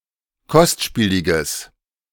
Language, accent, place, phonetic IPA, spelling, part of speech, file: German, Germany, Berlin, [ˈkɔstˌʃpiːlɪɡəs], kostspieliges, adjective, De-kostspieliges.ogg
- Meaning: strong/mixed nominative/accusative neuter singular of kostspielig